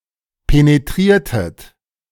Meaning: inflection of penetrieren: 1. second-person plural preterite 2. second-person plural subjunctive II
- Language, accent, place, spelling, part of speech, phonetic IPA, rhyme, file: German, Germany, Berlin, penetriertet, verb, [peneˈtʁiːɐ̯tət], -iːɐ̯tət, De-penetriertet.ogg